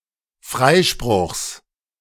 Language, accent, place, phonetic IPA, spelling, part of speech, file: German, Germany, Berlin, [ˈfʁaɪ̯ʃpʁʊxs], Freispruchs, noun, De-Freispruchs.ogg
- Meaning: genitive singular of Freispruch